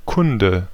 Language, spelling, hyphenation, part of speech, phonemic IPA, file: German, Kunde, Kun‧de, noun, /ˈkʊndə/, De-Kunde.ogg
- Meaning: 1. customer, patron, client 2. guy, bloke, dude, (most often derogatory) a strange or unpleasant one 3. tidings, news 4. see -kunde